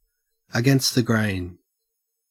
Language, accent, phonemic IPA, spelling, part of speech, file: English, Australia, /əˈɡɛnst ðə ɡɹeɪn/, against the grain, prepositional phrase, En-au-against the grain.ogg
- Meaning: Preventing a smooth, level surface from being formed by raising the nap of the wood or causing larger splinters to form ahead of the cutting tool below the cutting surface